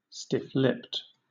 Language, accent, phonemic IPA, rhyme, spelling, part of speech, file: English, Southern England, /ˌstɪf ˈlɪpt/, -ɪpt, stiff-lipped, adjective, LL-Q1860 (eng)-stiff-lipped.wav
- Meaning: Maintaining a stiff upper lip